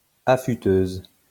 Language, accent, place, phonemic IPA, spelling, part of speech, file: French, France, Lyon, /a.fy.tøz/, affûteuse, noun, LL-Q150 (fra)-affûteuse.wav
- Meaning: female equivalent of affûteux